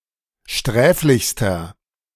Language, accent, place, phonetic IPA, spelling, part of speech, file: German, Germany, Berlin, [ˈʃtʁɛːflɪçstɐ], sträflichster, adjective, De-sträflichster.ogg
- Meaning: inflection of sträflich: 1. strong/mixed nominative masculine singular superlative degree 2. strong genitive/dative feminine singular superlative degree 3. strong genitive plural superlative degree